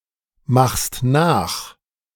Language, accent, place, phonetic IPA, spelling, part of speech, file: German, Germany, Berlin, [ˌmaxst ˈnaːx], machst nach, verb, De-machst nach.ogg
- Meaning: second-person singular present of nachmachen